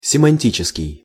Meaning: semantic (relating to semantics or the meanings of words)
- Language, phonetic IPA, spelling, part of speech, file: Russian, [sʲɪmɐnʲˈtʲit͡ɕɪskʲɪj], семантический, adjective, Ru-семантический.ogg